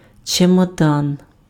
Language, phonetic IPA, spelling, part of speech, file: Ukrainian, [t͡ʃemɔˈdan], чемодан, noun, Uk-чемодан.ogg
- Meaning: suitcase